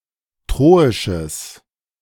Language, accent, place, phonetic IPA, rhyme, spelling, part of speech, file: German, Germany, Berlin, [ˈtʁoːɪʃəs], -oːɪʃəs, troisches, adjective, De-troisches.ogg
- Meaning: strong/mixed nominative/accusative neuter singular of troisch